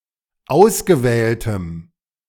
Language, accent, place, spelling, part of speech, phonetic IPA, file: German, Germany, Berlin, ausgewähltem, adjective, [ˈaʊ̯sɡəˌvɛːltəm], De-ausgewähltem.ogg
- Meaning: strong dative masculine/neuter singular of ausgewählt